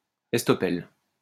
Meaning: estoppel
- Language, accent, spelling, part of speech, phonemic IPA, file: French, France, estoppel, noun, /ɛs.tɔ.pɛl/, LL-Q150 (fra)-estoppel.wav